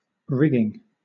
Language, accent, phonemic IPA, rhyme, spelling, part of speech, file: English, Southern England, /ˈɹɪɡɪŋ/, -ɪɡɪŋ, rigging, noun / verb, LL-Q1860 (eng)-rigging.wav
- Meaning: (noun) Dress; tackle; especially (nautical), the ropes, chains, etc., that support the masts and spars of a sailing vessel, and serve as purchases for adjusting the sails, etc